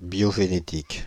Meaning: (adjective) biogenetic; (noun) biogenetics
- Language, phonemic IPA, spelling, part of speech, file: French, /bjɔ.ʒe.ne.tik/, biogénétique, adjective / noun, Fr-biogénétique.ogg